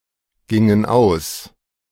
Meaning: inflection of ausgehen: 1. first/third-person plural preterite 2. first/third-person plural subjunctive II
- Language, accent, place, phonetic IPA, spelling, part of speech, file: German, Germany, Berlin, [ˌɡɪŋən ˈaʊ̯s], gingen aus, verb, De-gingen aus.ogg